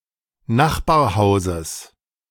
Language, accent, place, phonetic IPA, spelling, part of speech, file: German, Germany, Berlin, [ˈnaxbaːɐ̯ˌhaʊ̯zəs], Nachbarhauses, noun, De-Nachbarhauses.ogg
- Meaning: genitive singular of Nachbarhaus